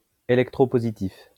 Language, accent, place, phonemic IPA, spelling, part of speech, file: French, France, Lyon, /e.lɛk.tʁo.po.zi.tif/, électropositif, adjective, LL-Q150 (fra)-électropositif.wav
- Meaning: electropositive